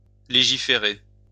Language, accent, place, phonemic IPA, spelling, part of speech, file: French, France, Lyon, /le.ʒi.fe.ʁe/, légiférer, verb, LL-Q150 (fra)-légiférer.wav
- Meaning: to legislate (to pass laws)